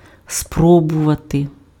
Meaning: 1. to try, to attempt 2. to try, to try out, to test (assess quality, suitability etc.) 3. to try, to taste (sample food to assess flavour)
- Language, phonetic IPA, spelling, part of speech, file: Ukrainian, [ˈsprɔbʊʋɐte], спробувати, verb, Uk-спробувати.ogg